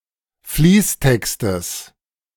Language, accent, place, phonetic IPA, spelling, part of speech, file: German, Germany, Berlin, [ˈfliːsˌtɛkstəs], Fließtextes, noun, De-Fließtextes.ogg
- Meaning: genitive singular of Fließtext